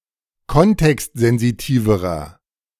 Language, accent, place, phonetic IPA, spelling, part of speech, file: German, Germany, Berlin, [ˈkɔntɛkstzɛnziˌtiːvəʁɐ], kontextsensitiverer, adjective, De-kontextsensitiverer.ogg
- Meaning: inflection of kontextsensitiv: 1. strong/mixed nominative masculine singular comparative degree 2. strong genitive/dative feminine singular comparative degree